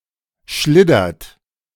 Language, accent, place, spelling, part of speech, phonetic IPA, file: German, Germany, Berlin, schliddert, verb, [ˈʃlɪdɐt], De-schliddert.ogg
- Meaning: inflection of schliddern: 1. second-person plural present 2. third-person singular present 3. plural imperative